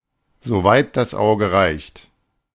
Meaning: as far as the eye can see
- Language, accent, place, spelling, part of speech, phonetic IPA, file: German, Germany, Berlin, so weit das Auge reicht, adverb, [ˌzoː vaɪ̯t das ˈʔaʊ̯ɡə ˌʁaɪ̯çt], De-so weit das Auge reicht.ogg